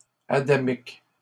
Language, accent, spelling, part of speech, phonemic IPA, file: French, Canada, adamique, adjective, /a.da.mik/, LL-Q150 (fra)-adamique.wav
- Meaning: Adamic